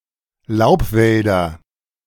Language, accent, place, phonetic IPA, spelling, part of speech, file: German, Germany, Berlin, [ˈlaʊ̯pˌvɛldɐ], Laubwälder, noun, De-Laubwälder.ogg
- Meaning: nominative/accusative/genitive plural of Laubwald